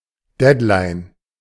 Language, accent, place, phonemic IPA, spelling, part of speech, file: German, Germany, Berlin, /ˈdɛtˌlaɪ̯n/, Deadline, noun, De-Deadline.ogg
- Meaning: deadline (time when something must be completed)